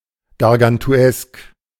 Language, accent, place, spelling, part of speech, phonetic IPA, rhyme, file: German, Germany, Berlin, gargantuesk, adjective, [ɡaʁɡantuˈɛsk], -ɛsk, De-gargantuesk.ogg
- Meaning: gargantuan (chiefly of appetite, food portions, body girth)